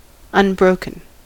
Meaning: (adjective) 1. Whole, not divided into parts 2. Of a horse, not tamed 3. Continuous, without interruption; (verb) past participle of unbreak
- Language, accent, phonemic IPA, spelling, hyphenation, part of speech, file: English, US, /ʌnˈbɹoʊkn̩/, unbroken, un‧bro‧ken, adjective / verb, En-us-unbroken.ogg